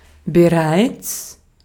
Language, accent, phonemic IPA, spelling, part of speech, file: German, Austria, /beˈʁaɛ̯ts/, bereits, adverb, De-at-bereits.ogg
- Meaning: already